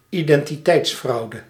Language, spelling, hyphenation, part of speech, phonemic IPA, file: Dutch, identiteitsfraude, iden‧ti‧teits‧frau‧de, noun, /i.dɛn.tiˈtɛi̯tsˌfrɑu̯.də/, Nl-identiteitsfraude.ogg
- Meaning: identity fraud